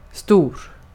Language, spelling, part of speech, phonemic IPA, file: Swedish, stor, adjective, /stuːr/, Sv-stor.ogg
- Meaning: 1. big, large; of large size 2. adult, or in the case of a child, older 3. uppercase, capital (of a letter) 4. great, grand, very important; awesome